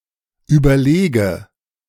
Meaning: inflection of überlegen: 1. first-person singular present 2. first/third-person singular subjunctive I 3. singular imperative
- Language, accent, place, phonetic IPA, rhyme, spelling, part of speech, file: German, Germany, Berlin, [ˌyːbɐˈleːɡə], -eːɡə, überlege, verb, De-überlege.ogg